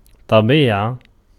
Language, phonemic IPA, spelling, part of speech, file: Arabic, /tˤa.biː.ʕa/, طبيعة, noun, Ar-طبيعة.ogg
- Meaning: 1. nature, quality, essence 2. disposition, character, temper, genius 3. instinct 4. rough nature (opposed to gracefulness)